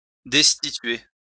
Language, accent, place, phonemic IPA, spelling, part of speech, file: French, France, Lyon, /dɛs.ti.tɥe/, destituer, verb, LL-Q150 (fra)-destituer.wav
- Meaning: to discharge, to relieve (one from their duty), to depose (someone from the throne)